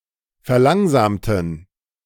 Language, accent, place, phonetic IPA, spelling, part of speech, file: German, Germany, Berlin, [fɛɐ̯ˈlaŋzaːmtn̩], verlangsamten, adjective / verb, De-verlangsamten.ogg
- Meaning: inflection of verlangsamen: 1. first/third-person plural preterite 2. first/third-person plural subjunctive II